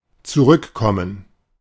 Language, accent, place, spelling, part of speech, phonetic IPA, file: German, Germany, Berlin, zurückkommen, verb, [t͡suˈʁʏkˌkɔmən], De-zurückkommen.ogg
- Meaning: to return (to come back)